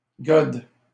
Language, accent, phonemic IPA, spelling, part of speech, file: French, Canada, /ɡɔd/, gode, noun, LL-Q150 (fra)-gode.wav
- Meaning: dildo